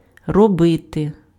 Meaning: 1. to do, to make 2. to work (to do work) 3. to work (to function properly)
- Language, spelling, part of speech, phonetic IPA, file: Ukrainian, робити, verb, [rɔˈbɪte], Uk-робити.ogg